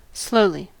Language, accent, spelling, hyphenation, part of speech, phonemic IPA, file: English, US, slowly, slow‧ly, adverb, /ˈsloʊli/, En-us-slowly.ogg
- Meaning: At a slow pace